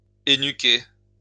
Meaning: to break one's neck
- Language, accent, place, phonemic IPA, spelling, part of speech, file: French, France, Lyon, /e.ny.ke/, énuquer, verb, LL-Q150 (fra)-énuquer.wav